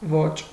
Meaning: style, manner
- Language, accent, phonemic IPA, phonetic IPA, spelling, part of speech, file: Armenian, Eastern Armenian, /vot͡ʃ/, [vot͡ʃ], ոճ, noun, Hy-ոճ.ogg